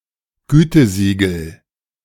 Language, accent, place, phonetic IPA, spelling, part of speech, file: German, Germany, Berlin, [ˈɡyːtəˌziːɡl̩], Gütesiegel, noun, De-Gütesiegel.ogg
- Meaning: certification mark